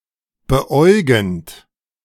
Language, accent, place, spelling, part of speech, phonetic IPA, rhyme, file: German, Germany, Berlin, beäugend, verb, [bəˈʔɔɪ̯ɡn̩t], -ɔɪ̯ɡn̩t, De-beäugend.ogg
- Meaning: present participle of beäugen